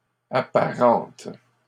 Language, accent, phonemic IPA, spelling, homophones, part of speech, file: French, Canada, /a.pa.ʁɑ̃t/, apparentes, apparente / apparentent, verb, LL-Q150 (fra)-apparentes.wav
- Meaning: second-person singular present indicative/subjunctive of apparenter